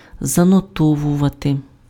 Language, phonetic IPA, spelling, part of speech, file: Ukrainian, [zɐnɔˈtɔwʊʋɐte], занотовувати, verb, Uk-занотовувати.ogg
- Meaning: to note (make a written or mental record of)